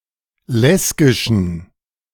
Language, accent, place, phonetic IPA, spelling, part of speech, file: German, Germany, Berlin, [ˈlɛsɡɪʃn̩], Lesgischen, noun, De-Lesgischen.ogg
- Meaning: genitive singular of Lesgisch